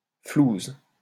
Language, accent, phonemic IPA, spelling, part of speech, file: French, France, /fluz/, flouze, noun, LL-Q150 (fra)-flouze.wav
- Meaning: dough (money)